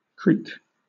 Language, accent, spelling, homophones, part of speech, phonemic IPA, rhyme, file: English, Southern England, creak, creek, noun / verb, /kɹiːk/, -iːk, LL-Q1860 (eng)-creak.wav
- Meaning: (noun) The sound produced by anything that creaks; a creaking; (verb) 1. To make a prolonged sharp grating or squeaking sound, as by the friction of hard substances 2. To produce a creaking sound with